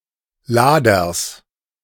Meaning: genitive singular of Lader
- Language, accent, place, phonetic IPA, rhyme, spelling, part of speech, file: German, Germany, Berlin, [ˈlaːdɐs], -aːdɐs, Laders, noun, De-Laders.ogg